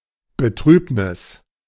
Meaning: sadness, grief
- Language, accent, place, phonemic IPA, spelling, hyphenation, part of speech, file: German, Germany, Berlin, /bəˈtʁyːpnɪs/, Betrübnis, Be‧trüb‧nis, noun, De-Betrübnis.ogg